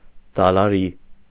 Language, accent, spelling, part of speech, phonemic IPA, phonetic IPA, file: Armenian, Eastern Armenian, դալարի, noun, /dɑlɑˈɾi/, [dɑlɑɾí], Hy-դալարի.ogg
- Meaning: verdure, green grass